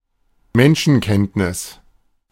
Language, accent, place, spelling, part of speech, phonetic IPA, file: German, Germany, Berlin, Menschenkenntnis, noun, [ˈmɛnʃn̩ˌkɛntnɪs], De-Menschenkenntnis.ogg
- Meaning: knowledge of human nature